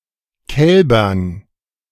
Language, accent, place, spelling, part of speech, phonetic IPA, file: German, Germany, Berlin, Kälbern, noun, [ˈkɛlbɐn], De-Kälbern.ogg
- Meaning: dative plural of Kalb